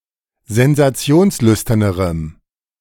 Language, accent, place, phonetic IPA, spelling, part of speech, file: German, Germany, Berlin, [zɛnzaˈt͡si̯oːnsˌlʏstɐnəʁəm], sensationslüsternerem, adjective, De-sensationslüsternerem.ogg
- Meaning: strong dative masculine/neuter singular comparative degree of sensationslüstern